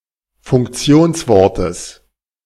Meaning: genitive singular of Funktionswort
- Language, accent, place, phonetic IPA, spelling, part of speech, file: German, Germany, Berlin, [fʊŋkˈt͡si̯oːnsˌvɔʁtəs], Funktionswortes, noun, De-Funktionswortes.ogg